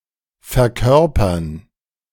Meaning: 1. to embody, to represent (as a symbol or sign) 2. to play (a role in theater, a movie, on television, etc.)
- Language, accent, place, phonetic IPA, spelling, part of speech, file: German, Germany, Berlin, [fɛɐ̯ˈkœʁpɐn], verkörpern, verb, De-verkörpern.ogg